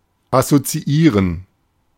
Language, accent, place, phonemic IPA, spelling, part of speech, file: German, Germany, Berlin, /asotsiˈiːʁən/, assoziieren, verb, De-assoziieren.ogg
- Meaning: to associate